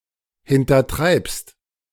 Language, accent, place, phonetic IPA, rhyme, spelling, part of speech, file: German, Germany, Berlin, [hɪntɐˈtʁaɪ̯pst], -aɪ̯pst, hintertreibst, verb, De-hintertreibst.ogg
- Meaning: second-person singular present of hintertreiben